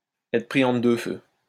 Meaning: to be between a rock and a hard place, to be between Scylla and Charybdis, to be between the devil and the deep blue sea, to be caught in the middle, to be caught in the crossfire
- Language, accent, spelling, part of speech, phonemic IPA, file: French, France, être pris entre deux feux, verb, /ɛ.tʁə pʁi ɑ̃.tʁə dø fø/, LL-Q150 (fra)-être pris entre deux feux.wav